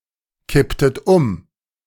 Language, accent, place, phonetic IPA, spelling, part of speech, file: German, Germany, Berlin, [ˌkɪptət ˈʊm], kipptet um, verb, De-kipptet um.ogg
- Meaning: inflection of umkippen: 1. second-person plural preterite 2. second-person plural subjunctive II